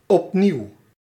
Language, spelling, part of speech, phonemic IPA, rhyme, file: Dutch, opnieuw, adverb, /ɔpˈniu̯/, -iu̯, Nl-opnieuw.ogg
- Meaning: again